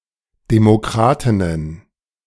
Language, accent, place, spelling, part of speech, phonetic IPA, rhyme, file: German, Germany, Berlin, Demokratinnen, noun, [demoˈkʁaːtɪnən], -aːtɪnən, De-Demokratinnen.ogg
- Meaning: plural of Demokratin